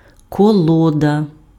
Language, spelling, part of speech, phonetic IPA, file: Ukrainian, колода, noun, [kɔˈɫɔdɐ], Uk-колода.ogg
- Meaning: 1. block, log 2. trough 3. pack, deck 4. balance beam